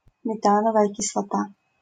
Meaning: methanoic acid, formic acid
- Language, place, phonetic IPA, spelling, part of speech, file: Russian, Saint Petersburg, [mʲɪˈtanəvəjə kʲɪsɫɐˈta], метановая кислота, noun, LL-Q7737 (rus)-метановая кислота.wav